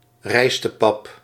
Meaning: rice porridge
- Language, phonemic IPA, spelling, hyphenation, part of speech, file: Dutch, /ˈrɛi̯s.təˌpɑp/, rijstepap, rijs‧te‧pap, noun, Nl-rijstepap.ogg